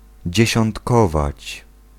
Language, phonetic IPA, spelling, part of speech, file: Polish, [ˌd͡ʑɛ̇ɕɔ̃ntˈkɔvat͡ɕ], dziesiątkować, verb, Pl-dziesiątkować.ogg